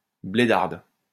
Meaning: feminine singular of blédard
- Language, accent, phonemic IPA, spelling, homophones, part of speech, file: French, France, /ble.daʁd/, blédarde, blédardes, adjective, LL-Q150 (fra)-blédarde.wav